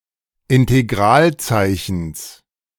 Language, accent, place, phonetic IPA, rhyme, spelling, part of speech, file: German, Germany, Berlin, [ɪnteˈɡʁaːlˌt͡saɪ̯çn̩s], -aːlt͡saɪ̯çn̩s, Integralzeichens, noun, De-Integralzeichens.ogg
- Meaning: genitive singular of Integralzeichen